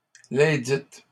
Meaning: feminine plural of ledit
- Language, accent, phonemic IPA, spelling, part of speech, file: French, Canada, /le.dit/, lesdites, determiner, LL-Q150 (fra)-lesdites.wav